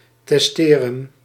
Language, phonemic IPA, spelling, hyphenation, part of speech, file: Dutch, /ˌtɛsˈteː.rə(n)/, testeren, tes‧te‧ren, verb, Nl-testeren.ogg
- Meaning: 1. to prepare one's will 2. to leave or divide (one's belongings) by means of a will